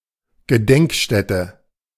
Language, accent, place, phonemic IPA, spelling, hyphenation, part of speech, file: German, Germany, Berlin, /ɡəˈdɛŋkˌʃtɛtə/, Gedenkstätte, Ge‧denk‧stät‧te, noun, De-Gedenkstätte.ogg
- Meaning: memorial